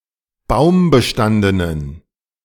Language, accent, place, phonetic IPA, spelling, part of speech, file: German, Germany, Berlin, [ˈbaʊ̯mbəˌʃtandənən], baumbestandenen, adjective, De-baumbestandenen.ogg
- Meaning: inflection of baumbestanden: 1. strong genitive masculine/neuter singular 2. weak/mixed genitive/dative all-gender singular 3. strong/weak/mixed accusative masculine singular 4. strong dative plural